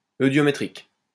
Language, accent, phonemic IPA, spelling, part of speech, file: French, France, /ø.djɔ.me.tʁik/, eudiométrique, adjective, LL-Q150 (fra)-eudiométrique.wav
- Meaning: eudiometric